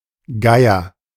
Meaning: vulture
- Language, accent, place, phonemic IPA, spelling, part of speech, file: German, Germany, Berlin, /ˈɡaɪ̯ɐ/, Geier, noun, De-Geier.ogg